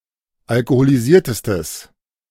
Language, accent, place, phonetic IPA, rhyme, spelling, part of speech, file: German, Germany, Berlin, [alkoholiˈziːɐ̯təstəs], -iːɐ̯təstəs, alkoholisiertestes, adjective, De-alkoholisiertestes.ogg
- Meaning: strong/mixed nominative/accusative neuter singular superlative degree of alkoholisiert